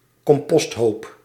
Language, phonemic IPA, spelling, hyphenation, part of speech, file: Dutch, /kɔmˈpɔstˌɦoːp/, composthoop, com‧post‧hoop, noun, Nl-composthoop.ogg
- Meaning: compost heap